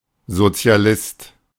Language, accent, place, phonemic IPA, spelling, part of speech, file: German, Germany, Berlin, /zo.t͡sɪ̯a.ˈlɪst/, Sozialist, noun, De-Sozialist.ogg
- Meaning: socialist / Socialist (male or of unspecified sex)